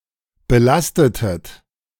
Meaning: inflection of belasten: 1. second-person plural preterite 2. second-person plural subjunctive II
- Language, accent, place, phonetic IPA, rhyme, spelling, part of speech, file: German, Germany, Berlin, [bəˈlastətət], -astətət, belastetet, verb, De-belastetet.ogg